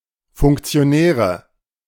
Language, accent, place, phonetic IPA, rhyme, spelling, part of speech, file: German, Germany, Berlin, [fʊŋkt͡si̯oˈnɛːʁə], -ɛːʁə, Funktionäre, noun, De-Funktionäre.ogg
- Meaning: nominative/accusative/genitive plural of Funktionär